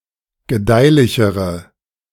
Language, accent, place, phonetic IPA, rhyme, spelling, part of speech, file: German, Germany, Berlin, [ɡəˈdaɪ̯lɪçəʁə], -aɪ̯lɪçəʁə, gedeihlichere, adjective, De-gedeihlichere.ogg
- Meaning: inflection of gedeihlich: 1. strong/mixed nominative/accusative feminine singular comparative degree 2. strong nominative/accusative plural comparative degree